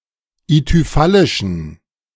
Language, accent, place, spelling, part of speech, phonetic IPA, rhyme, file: German, Germany, Berlin, ithyphallischen, adjective, [ityˈfalɪʃn̩], -alɪʃn̩, De-ithyphallischen.ogg
- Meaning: inflection of ithyphallisch: 1. strong genitive masculine/neuter singular 2. weak/mixed genitive/dative all-gender singular 3. strong/weak/mixed accusative masculine singular 4. strong dative plural